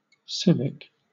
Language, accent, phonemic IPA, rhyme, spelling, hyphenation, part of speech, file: English, Southern England, /ˈsɪvɪk/, -ɪvɪk, civic, civ‧ic, adjective, LL-Q1860 (eng)-civic.wav
- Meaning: 1. Of, relating to, or belonging to a city, a citizen, or citizenship; municipal or civil 2. Of or relating to the citizen, or of good citizenship and its rights and duties